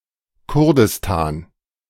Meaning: Kurdistan (a cultural region in West Asia inhabited mostly by the Kurds, encompassing parts of Turkey, Iraq, Iran and Syria)
- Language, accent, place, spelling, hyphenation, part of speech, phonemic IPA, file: German, Germany, Berlin, Kurdistan, Kur‧dis‧tan, proper noun, /ˈkʊʁdɪstaːn/, De-Kurdistan.ogg